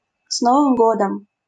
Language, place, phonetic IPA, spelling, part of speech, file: Russian, Saint Petersburg, [ˈs‿novɨm ˈɡodəm], с Новым годом, interjection, LL-Q7737 (rus)-с Новым годом.wav
- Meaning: Happy New Year